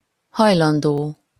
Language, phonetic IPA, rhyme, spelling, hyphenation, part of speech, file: Hungarian, [ˈhɒjlɒndoː], -doː, hajlandó, haj‧lan‧dó, verb / adjective, Hu-hajlandó.opus
- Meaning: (verb) future participle of hajlik; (adjective) willing (to do something: -ra/-re; ready to do something either for one's own sake or voluntarily)